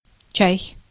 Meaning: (noun) 1. tea (in all senses: the drink, the plant, the dried leaves, or tea-drinking) 2. tip (small monetary gratuity for a service worker)
- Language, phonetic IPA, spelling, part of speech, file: Russian, [t͡ɕæj], чай, noun / interjection / verb, Ru-чай.ogg